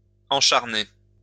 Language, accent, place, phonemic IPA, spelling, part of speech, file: French, France, Lyon, /ɑ̃.ʃaʁ.ne/, encharner, verb, LL-Q150 (fra)-encharner.wav
- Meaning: to hinge